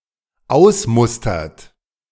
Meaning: inflection of ausmustern: 1. third-person singular dependent present 2. second-person plural dependent present
- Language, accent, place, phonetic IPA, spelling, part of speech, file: German, Germany, Berlin, [ˈaʊ̯sˌmʊstɐt], ausmustert, verb, De-ausmustert.ogg